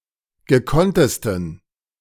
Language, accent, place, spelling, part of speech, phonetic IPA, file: German, Germany, Berlin, gekonntesten, adjective, [ɡəˈkɔntəstn̩], De-gekonntesten.ogg
- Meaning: 1. superlative degree of gekonnt 2. inflection of gekonnt: strong genitive masculine/neuter singular superlative degree